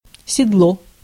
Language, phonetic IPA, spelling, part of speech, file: Russian, [sʲɪdˈɫo], седло, noun, Ru-седло.ogg
- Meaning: saddle (seat on an animal)